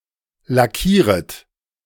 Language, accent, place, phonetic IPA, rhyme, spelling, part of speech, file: German, Germany, Berlin, [laˈkiːʁət], -iːʁət, lackieret, verb, De-lackieret.ogg
- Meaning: second-person plural subjunctive I of lackieren